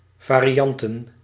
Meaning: plural of variant
- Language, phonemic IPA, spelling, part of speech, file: Dutch, /ˌvariˈjɑntə(n)/, varianten, noun, Nl-varianten.ogg